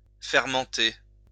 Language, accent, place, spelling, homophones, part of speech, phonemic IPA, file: French, France, Lyon, fermenter, fermentai / fermenté / fermentée / fermentées / fermentés / fermentez, verb, /fɛʁ.mɑ̃.te/, LL-Q150 (fra)-fermenter.wav
- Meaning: to ferment